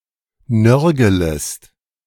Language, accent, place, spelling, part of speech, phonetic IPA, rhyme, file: German, Germany, Berlin, nörgelest, verb, [ˈnœʁɡələst], -œʁɡələst, De-nörgelest.ogg
- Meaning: second-person singular subjunctive I of nörgeln